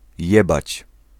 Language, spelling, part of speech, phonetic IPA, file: Polish, jebać, verb, [ˈjɛbat͡ɕ], Pl-jebać.ogg